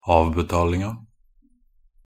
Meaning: definite feminine singular of avbetaling
- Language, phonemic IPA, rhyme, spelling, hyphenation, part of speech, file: Norwegian Bokmål, /ˈɑːʋbɛtɑːlɪŋa/, -ɪŋa, avbetalinga, av‧be‧tal‧ing‧a, noun, Nb-avbetalinga.ogg